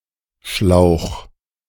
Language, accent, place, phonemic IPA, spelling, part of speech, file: German, Germany, Berlin, /ʃlaʊ̯x/, Schlauch, noun, De-Schlauch.ogg
- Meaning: 1. hose, tube (flexible pipe) 2. waterskin, wineskin (flexible container for liquids) 3. a long and narrow room or flat 4. potbelly, paunch (protruding belly)